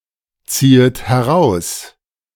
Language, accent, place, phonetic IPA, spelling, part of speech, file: German, Germany, Berlin, [ˌt͡siːət hɛˈʁaʊ̯s], ziehet heraus, verb, De-ziehet heraus.ogg
- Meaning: second-person plural subjunctive I of herausziehen